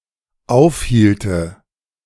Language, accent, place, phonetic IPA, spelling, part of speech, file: German, Germany, Berlin, [ˈaʊ̯fˌhiːltə], aufhielte, verb, De-aufhielte.ogg
- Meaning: first/third-person singular dependent subjunctive II of aufhalten